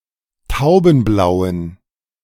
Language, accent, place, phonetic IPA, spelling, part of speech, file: German, Germany, Berlin, [ˈtaʊ̯bn̩ˌblaʊ̯ən], taubenblauen, adjective, De-taubenblauen.ogg
- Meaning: inflection of taubenblau: 1. strong genitive masculine/neuter singular 2. weak/mixed genitive/dative all-gender singular 3. strong/weak/mixed accusative masculine singular 4. strong dative plural